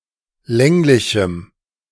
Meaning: strong dative masculine/neuter singular of länglich
- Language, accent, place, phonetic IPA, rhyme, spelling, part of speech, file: German, Germany, Berlin, [ˈlɛŋlɪçm̩], -ɛŋlɪçm̩, länglichem, adjective, De-länglichem.ogg